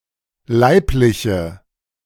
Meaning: inflection of leiblich: 1. strong/mixed nominative/accusative feminine singular 2. strong nominative/accusative plural 3. weak nominative all-gender singular
- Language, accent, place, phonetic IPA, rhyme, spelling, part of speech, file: German, Germany, Berlin, [ˈlaɪ̯plɪçə], -aɪ̯plɪçə, leibliche, adjective, De-leibliche.ogg